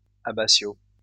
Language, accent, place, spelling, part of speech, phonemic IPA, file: French, France, Lyon, abbatiaux, adjective, /a.ba.sjo/, LL-Q150 (fra)-abbatiaux.wav
- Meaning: masculine plural of abbatial